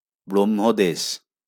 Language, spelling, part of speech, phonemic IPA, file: Bengali, ব্রহ্মদেশ, proper noun, /brɔm.ho.deʃ/, LL-Q9610 (ben)-ব্রহ্মদেশ.wav
- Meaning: Myanmar, Burma (a country in Southeast Asia)